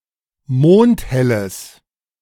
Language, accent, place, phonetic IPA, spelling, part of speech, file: German, Germany, Berlin, [ˈmoːnthɛləs], mondhelles, adjective, De-mondhelles.ogg
- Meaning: strong/mixed nominative/accusative neuter singular of mondhell